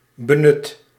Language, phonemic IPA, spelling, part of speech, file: Dutch, /bəˈnʏt/, benut, verb, Nl-benut.ogg
- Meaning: 1. inflection of benutten: first/second/third-person singular present indicative 2. inflection of benutten: imperative 3. past participle of benutten